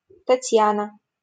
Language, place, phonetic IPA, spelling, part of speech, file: Russian, Saint Petersburg, [tɐˈtʲjanə], Татьяна, proper noun, LL-Q7737 (rus)-Татьяна.wav
- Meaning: a female given name, Tatiana, from Latin